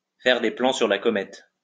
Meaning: alternative form of tirer des plans sur la comète
- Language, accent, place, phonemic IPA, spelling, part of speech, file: French, France, Lyon, /fɛʁ de plɑ̃ syʁ la kɔ.mɛt/, faire des plans sur la comète, verb, LL-Q150 (fra)-faire des plans sur la comète.wav